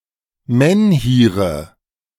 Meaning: nominative/accusative/genitive plural of Menhir
- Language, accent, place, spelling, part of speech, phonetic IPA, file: German, Germany, Berlin, Menhire, noun, [ˈmɛnhiːʁə], De-Menhire.ogg